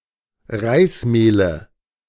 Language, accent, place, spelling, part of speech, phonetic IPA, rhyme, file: German, Germany, Berlin, Reismehle, noun, [ˈʁaɪ̯sˌmeːlə], -aɪ̯smeːlə, De-Reismehle.ogg
- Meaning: nominative/accusative/genitive plural of Reismehl